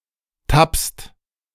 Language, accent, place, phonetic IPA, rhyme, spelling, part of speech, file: German, Germany, Berlin, [tapst], -apst, tappst, verb, De-tappst.ogg
- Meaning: second-person singular present of tappen